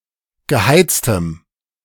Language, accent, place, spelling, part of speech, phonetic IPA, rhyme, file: German, Germany, Berlin, geheiztem, adjective, [ɡəˈhaɪ̯t͡stəm], -aɪ̯t͡stəm, De-geheiztem.ogg
- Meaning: strong dative masculine/neuter singular of geheizt